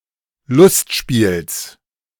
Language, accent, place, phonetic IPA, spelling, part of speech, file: German, Germany, Berlin, [ˈlʊstˌʃpiːls], Lustspiels, noun, De-Lustspiels.ogg
- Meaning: genitive singular of Lustspiel